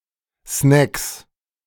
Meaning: 1. genitive singular of Snack 2. plural of Snack
- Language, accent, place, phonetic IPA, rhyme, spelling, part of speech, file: German, Germany, Berlin, [snɛks], -ɛks, Snacks, noun, De-Snacks.ogg